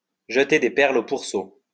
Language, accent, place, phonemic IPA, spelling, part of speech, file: French, France, Lyon, /ʒə.te de pɛʁl o puʁ.so/, jeter des perles aux pourceaux, verb, LL-Q150 (fra)-jeter des perles aux pourceaux.wav
- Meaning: to cast pearls before swine